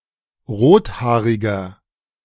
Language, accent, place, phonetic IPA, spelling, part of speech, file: German, Germany, Berlin, [ˈʁoːtˌhaːʁɪɡɐ], rothaariger, adjective, De-rothaariger.ogg
- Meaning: 1. comparative degree of rothaarig 2. inflection of rothaarig: strong/mixed nominative masculine singular 3. inflection of rothaarig: strong genitive/dative feminine singular